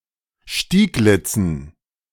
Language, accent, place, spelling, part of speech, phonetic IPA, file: German, Germany, Berlin, Stieglitzen, noun, [ˈʃtiːˌɡlɪt͡sn̩], De-Stieglitzen.ogg
- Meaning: dative plural of Stieglitz